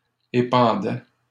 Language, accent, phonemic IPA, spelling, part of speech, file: French, Canada, /e.pɑ̃.dɛ/, épandaient, verb, LL-Q150 (fra)-épandaient.wav
- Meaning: third-person plural imperfect indicative of épandre